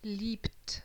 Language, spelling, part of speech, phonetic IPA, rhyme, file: German, liebt, verb, [liːpt], -iːpt, De-liebt.ogg
- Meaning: inflection of lieben: 1. third-person singular present 2. second-person plural present 3. plural imperative